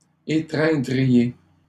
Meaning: second-person plural conditional of étreindre
- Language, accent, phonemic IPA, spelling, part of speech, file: French, Canada, /e.tʁɛ̃.dʁi.je/, étreindriez, verb, LL-Q150 (fra)-étreindriez.wav